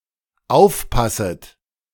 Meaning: second-person plural dependent subjunctive I of aufpassen
- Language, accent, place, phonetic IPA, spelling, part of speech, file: German, Germany, Berlin, [ˈaʊ̯fˌpasət], aufpasset, verb, De-aufpasset.ogg